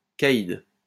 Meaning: 1. caid 2. big shot, big man; boss 3. hardman
- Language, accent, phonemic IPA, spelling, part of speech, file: French, France, /ka.id/, caïd, noun, LL-Q150 (fra)-caïd.wav